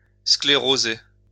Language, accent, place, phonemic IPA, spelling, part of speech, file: French, France, Lyon, /skle.ʁo.ze/, scléroser, verb, LL-Q150 (fra)-scléroser.wav
- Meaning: 1. to harden 2. to harden, to sclerose, to become sclerosed 3. to paralyse 4. to ossify, to become fossilized, to grind to a halt